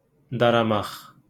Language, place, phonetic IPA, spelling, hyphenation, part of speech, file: Azerbaijani, Baku, [dɑrɑˈmɑχ], daramaq, da‧ra‧maq, verb, LL-Q9292 (aze)-daramaq.wav
- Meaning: to comb